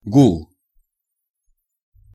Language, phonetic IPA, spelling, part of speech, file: Russian, [ɡuɫ], гул, noun, Ru-гул.ogg
- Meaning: boom, rumble, rumbling, hum, buzz, din